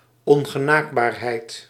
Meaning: 1. inaccessibility 2. aloofness, detachedness
- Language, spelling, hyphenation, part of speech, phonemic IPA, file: Dutch, ongenaakbaarheid, on‧ge‧naak‧baar‧heid, noun, /ˌɔŋ.ɣəˈnaːk.baːr.ɦɛi̯t/, Nl-ongenaakbaarheid.ogg